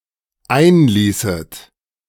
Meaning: second-person plural dependent subjunctive II of einlassen
- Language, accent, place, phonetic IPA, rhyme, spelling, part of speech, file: German, Germany, Berlin, [ˈaɪ̯nˌliːsət], -aɪ̯nliːsət, einließet, verb, De-einließet.ogg